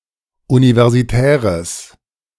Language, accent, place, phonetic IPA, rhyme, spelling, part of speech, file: German, Germany, Berlin, [ˌunivɛʁziˈtɛːʁəs], -ɛːʁəs, universitäres, adjective, De-universitäres.ogg
- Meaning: strong/mixed nominative/accusative neuter singular of universitär